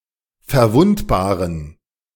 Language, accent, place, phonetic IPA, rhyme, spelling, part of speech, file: German, Germany, Berlin, [fɛɐ̯ˈvʊntbaːʁən], -ʊntbaːʁən, verwundbaren, adjective, De-verwundbaren.ogg
- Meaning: inflection of verwundbar: 1. strong genitive masculine/neuter singular 2. weak/mixed genitive/dative all-gender singular 3. strong/weak/mixed accusative masculine singular 4. strong dative plural